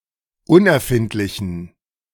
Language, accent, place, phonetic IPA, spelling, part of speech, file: German, Germany, Berlin, [ˈʊnʔɛɐ̯ˌfɪntlɪçn̩], unerfindlichen, adjective, De-unerfindlichen.ogg
- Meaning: inflection of unerfindlich: 1. strong genitive masculine/neuter singular 2. weak/mixed genitive/dative all-gender singular 3. strong/weak/mixed accusative masculine singular 4. strong dative plural